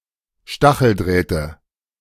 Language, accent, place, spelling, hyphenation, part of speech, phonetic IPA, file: German, Germany, Berlin, Stacheldrähte, Sta‧chel‧dräh‧te, noun, [ˈʃtaxl̩ˌdʁɛːtə], De-Stacheldrähte.ogg
- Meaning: nominative/accusative/genitive plural of Stacheldraht